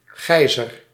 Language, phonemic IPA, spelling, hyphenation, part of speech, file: Dutch, /ˈɣɛi̯.zər/, geiser, gei‧ser, noun, Nl-geiser.ogg
- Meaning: 1. geyser 2. boiler, water heater